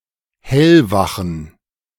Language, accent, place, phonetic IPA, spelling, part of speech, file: German, Germany, Berlin, [ˈhɛlvaxn̩], hellwachen, adjective, De-hellwachen.ogg
- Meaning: inflection of hellwach: 1. strong genitive masculine/neuter singular 2. weak/mixed genitive/dative all-gender singular 3. strong/weak/mixed accusative masculine singular 4. strong dative plural